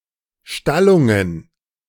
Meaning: plural of Stallung
- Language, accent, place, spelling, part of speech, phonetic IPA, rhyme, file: German, Germany, Berlin, Stallungen, noun, [ˈʃtalʊŋən], -alʊŋən, De-Stallungen.ogg